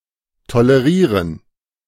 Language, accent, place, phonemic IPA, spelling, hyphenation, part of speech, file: German, Germany, Berlin, /toləˈʁiːʁən/, tolerieren, to‧le‧rie‧ren, verb, De-tolerieren.ogg
- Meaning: to tolerate